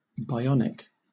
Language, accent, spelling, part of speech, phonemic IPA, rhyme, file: English, Southern England, bionic, adjective, /ˈbɪˌɒn.ɪk/, -ɒnɪk, LL-Q1860 (eng)-bionic.wav
- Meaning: 1. Related to bionics 2. Having been enhanced by electronic, mechanical, or mechatronical parts; cyborg 3. Superhuman